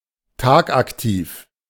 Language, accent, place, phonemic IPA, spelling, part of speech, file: German, Germany, Berlin, /ˈtaːkʔakˌtiːf/, tagaktiv, adjective, De-tagaktiv.ogg
- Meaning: diurnal (active during the day)